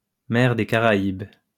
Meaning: Caribbean Sea (a tropical sea in the Western Hemisphere)
- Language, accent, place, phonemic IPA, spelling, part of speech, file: French, France, Lyon, /mɛʁ de ka.ʁa.ib/, mer des Caraïbes, proper noun, LL-Q150 (fra)-mer des Caraïbes.wav